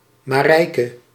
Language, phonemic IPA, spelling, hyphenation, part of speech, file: Dutch, /ˌmaːˈrɛi̯.kə/, Marijke, Ma‧rij‧ke, proper noun, Nl-Marijke.ogg
- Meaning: a female given name